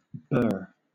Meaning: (noun) 1. A sharp, pointy object, such as a sliver or splinter 2. Alternative form of bur (“rough, prickly husk around the seeds or fruit of some plants”)
- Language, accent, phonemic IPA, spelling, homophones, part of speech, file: English, Southern England, /bɜː/, burr, bur / Burr / brr / bare, noun / verb, LL-Q1860 (eng)-burr.wav